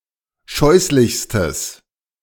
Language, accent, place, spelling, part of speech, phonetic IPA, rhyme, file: German, Germany, Berlin, scheußlichstes, adjective, [ˈʃɔɪ̯slɪçstəs], -ɔɪ̯slɪçstəs, De-scheußlichstes.ogg
- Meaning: strong/mixed nominative/accusative neuter singular superlative degree of scheußlich